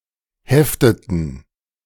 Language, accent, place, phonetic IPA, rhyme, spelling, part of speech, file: German, Germany, Berlin, [ˈhɛftətn̩], -ɛftətn̩, hefteten, verb, De-hefteten.ogg
- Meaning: inflection of heften: 1. first/third-person plural preterite 2. first/third-person plural subjunctive II